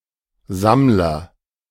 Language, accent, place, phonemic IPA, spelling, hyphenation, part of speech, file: German, Germany, Berlin, /ˈzamlɐ/, Sammler, Samm‧ler, noun, De-Sammler.ogg
- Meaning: agent noun of sammeln: 1. collector (person who aims to form a collection of items) 2. gatherer (person who collects wild edible plants for survival, as opposed to hunting or agriculture)